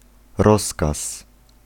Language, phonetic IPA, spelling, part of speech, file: Polish, [ˈrɔskas], rozkaz, noun, Pl-rozkaz.ogg